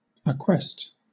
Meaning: 1. Acquisition; the thing gained 2. Property acquired by purchase, gift, or otherwise than by inheritance
- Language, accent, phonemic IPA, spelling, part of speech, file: English, Southern England, /əˈkwɛst/, acquest, noun, LL-Q1860 (eng)-acquest.wav